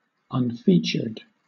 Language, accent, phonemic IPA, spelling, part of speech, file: English, Southern England, /ʌnˈfiːt͡ʃə(ɹ)d/, unfeatured, adjective, LL-Q1860 (eng)-unfeatured.wav
- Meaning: 1. Not featured 2. Lacking regular features; deformed